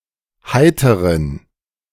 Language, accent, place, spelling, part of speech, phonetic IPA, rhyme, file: German, Germany, Berlin, heiteren, adjective, [ˈhaɪ̯təʁən], -aɪ̯təʁən, De-heiteren.ogg
- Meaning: inflection of heiter: 1. strong genitive masculine/neuter singular 2. weak/mixed genitive/dative all-gender singular 3. strong/weak/mixed accusative masculine singular 4. strong dative plural